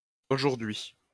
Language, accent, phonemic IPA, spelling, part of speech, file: French, France, /o.ʒuʁ.d‿ɥi/, auj., adverb, LL-Q150 (fra)-auj..wav
- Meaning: abbreviation of aujourd’hui